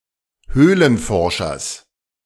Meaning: genitive singular of Höhlenforscher
- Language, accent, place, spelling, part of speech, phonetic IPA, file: German, Germany, Berlin, Höhlenforschers, noun, [ˈhøːlənˌfɔʁʃɐs], De-Höhlenforschers.ogg